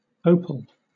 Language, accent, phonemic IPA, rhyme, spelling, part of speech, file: English, Southern England, /ˈəʊpəl/, -əʊpəl, opal, noun, LL-Q1860 (eng)-opal.wav
- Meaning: A mineral consisting, like quartz, of silica, but inferior to quartz in hardness and specific gravity, of the chemical formula SiO₂·nH₂O